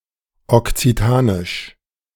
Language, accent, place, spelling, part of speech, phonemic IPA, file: German, Germany, Berlin, okzitanisch, adjective, /ɔkt͡siˈtaːnɪʃ/, De-okzitanisch.ogg
- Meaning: Occitan (related to the Occitan language)